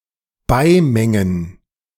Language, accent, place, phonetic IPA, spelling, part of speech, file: German, Germany, Berlin, [ˈbaɪ̯ˌmɛŋən], beimengen, verb, De-beimengen.ogg
- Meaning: to add, mix in